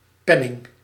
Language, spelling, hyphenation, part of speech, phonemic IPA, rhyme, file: Dutch, penning, pen‧ning, noun, /ˈpɛ.nɪŋ/, -ɛnɪŋ, Nl-penning.ogg
- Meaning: 1. a small coin, usually made of silver but later also of gold; penny 2. a medal or commemoration coin 3. money, cash 4. coin 5. pin, pinning